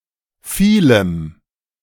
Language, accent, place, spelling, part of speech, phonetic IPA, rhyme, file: German, Germany, Berlin, vielem, adjective, [fiːləm], -iːləm, De-vielem.ogg
- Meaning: dative singular of vieles